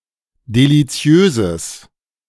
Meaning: strong/mixed nominative/accusative neuter singular of deliziös
- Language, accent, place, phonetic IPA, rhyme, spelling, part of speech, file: German, Germany, Berlin, [deliˈt͡si̯øːzəs], -øːzəs, deliziöses, adjective, De-deliziöses.ogg